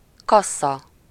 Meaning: 1. cash register 2. cash desk, point of sale
- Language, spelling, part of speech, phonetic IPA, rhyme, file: Hungarian, kassza, noun, [ˈkɒsːɒ], -sɒ, Hu-kassza.ogg